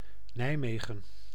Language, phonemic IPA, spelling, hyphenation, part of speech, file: Dutch, /ˈnɛi̯ˌmeː.ɣə(n)/, Nijmegen, Nij‧me‧gen, proper noun, Nl-Nijmegen.ogg
- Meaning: Nijmegen (a city and municipality of Gelderland, Netherlands)